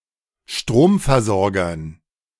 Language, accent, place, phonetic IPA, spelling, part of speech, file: German, Germany, Berlin, [ˈʃtʁoːmfɛɐ̯zɔʁɡɐn], Stromversorgern, noun, De-Stromversorgern.ogg
- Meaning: dative plural of Stromversorger